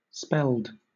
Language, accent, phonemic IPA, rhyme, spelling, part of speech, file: English, Southern England, /ˈspɛld/, -ɛld, spelled, verb, LL-Q1860 (eng)-spelled.wav
- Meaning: simple past and past participle of spell